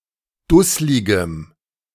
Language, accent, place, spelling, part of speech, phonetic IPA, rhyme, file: German, Germany, Berlin, dussligem, adjective, [ˈdʊslɪɡəm], -ʊslɪɡəm, De-dussligem.ogg
- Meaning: strong dative masculine/neuter singular of dusslig